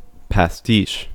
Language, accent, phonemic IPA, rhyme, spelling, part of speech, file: English, US, /pæˈstiːʃ/, -iːʃ, pastiche, noun / verb, En-us-pastiche.ogg
- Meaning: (noun) 1. A work of art, drama, literature, music, or architecture that imitates the work of a previous artist, usually in a positive or neutral way 2. A musical medley, typically quoting other works